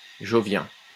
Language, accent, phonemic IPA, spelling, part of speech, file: French, France, /ʒɔ.vjɛ̃/, jovien, adjective, LL-Q150 (fra)-jovien.wav
- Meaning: Jovian